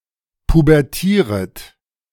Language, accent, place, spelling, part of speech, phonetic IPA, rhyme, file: German, Germany, Berlin, pubertieret, verb, [pubɛʁˈtiːʁət], -iːʁət, De-pubertieret.ogg
- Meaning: second-person plural subjunctive I of pubertieren